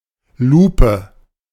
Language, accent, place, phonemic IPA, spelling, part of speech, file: German, Germany, Berlin, /ˈluːpə/, Lupe, noun, De-Lupe.ogg
- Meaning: magnifying glass